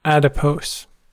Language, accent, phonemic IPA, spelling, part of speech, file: English, US, /ˈæd.ɪ.poʊs/, adipose, adjective / noun, En-us-adipose.ogg
- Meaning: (adjective) 1. Containing, composed of, or consisting of fat; fatty 2. Slightly overweight; chubby; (noun) Animal fat stored in the tissue of the body